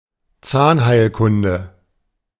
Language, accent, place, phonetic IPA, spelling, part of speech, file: German, Germany, Berlin, [ˈt͡saːnhaɪ̯lˌkʊndə], Zahnheilkunde, noun, De-Zahnheilkunde.ogg
- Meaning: dentistry; odontology